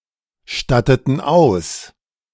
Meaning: inflection of ausstatten: 1. first/third-person plural preterite 2. first/third-person plural subjunctive II
- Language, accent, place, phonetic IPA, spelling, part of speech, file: German, Germany, Berlin, [ˌʃtatətn̩ ˈaʊ̯s], statteten aus, verb, De-statteten aus.ogg